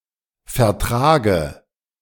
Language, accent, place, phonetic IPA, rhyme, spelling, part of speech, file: German, Germany, Berlin, [fɛɐ̯ˈtʁaːɡə], -aːɡə, vertrage, verb, De-vertrage.ogg
- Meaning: inflection of vertragen: 1. first-person singular present 2. first/third-person singular subjunctive I 3. singular imperative